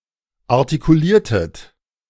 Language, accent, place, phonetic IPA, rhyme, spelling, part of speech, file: German, Germany, Berlin, [aʁtikuˈliːɐ̯tət], -iːɐ̯tət, artikuliertet, verb, De-artikuliertet.ogg
- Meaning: inflection of artikulieren: 1. second-person plural preterite 2. second-person plural subjunctive II